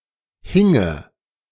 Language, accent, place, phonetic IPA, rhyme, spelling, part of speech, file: German, Germany, Berlin, [ˈhɪŋə], -ɪŋə, hinge, verb, De-hinge.ogg
- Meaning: first/third-person singular subjunctive II of hängen